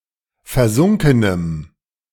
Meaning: strong dative masculine/neuter singular of versunken
- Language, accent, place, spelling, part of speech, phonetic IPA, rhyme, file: German, Germany, Berlin, versunkenem, adjective, [fɛɐ̯ˈzʊŋkənəm], -ʊŋkənəm, De-versunkenem.ogg